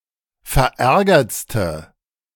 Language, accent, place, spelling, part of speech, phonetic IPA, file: German, Germany, Berlin, verärgertste, adjective, [fɛɐ̯ˈʔɛʁɡɐt͡stə], De-verärgertste.ogg
- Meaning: inflection of verärgert: 1. strong/mixed nominative/accusative feminine singular superlative degree 2. strong nominative/accusative plural superlative degree